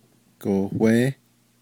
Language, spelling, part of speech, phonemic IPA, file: Navajo, gohwééh, noun, /kòhʷéːh/, Nv-gohwééh.ogg
- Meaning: coffee